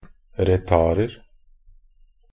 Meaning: indefinite plural of retard
- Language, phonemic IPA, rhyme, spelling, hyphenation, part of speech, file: Norwegian Bokmål, /rəˈtɑːrər/, -ər, retarder, re‧tard‧er, noun, Nb-retarder.ogg